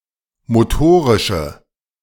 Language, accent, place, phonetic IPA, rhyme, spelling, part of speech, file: German, Germany, Berlin, [moˈtoːʁɪʃə], -oːʁɪʃə, motorische, adjective, De-motorische.ogg
- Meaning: inflection of motorisch: 1. strong/mixed nominative/accusative feminine singular 2. strong nominative/accusative plural 3. weak nominative all-gender singular